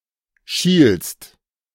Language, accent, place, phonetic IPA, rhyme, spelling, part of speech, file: German, Germany, Berlin, [ʃiːlst], -iːlst, schielst, verb, De-schielst.ogg
- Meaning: second-person singular present of schielen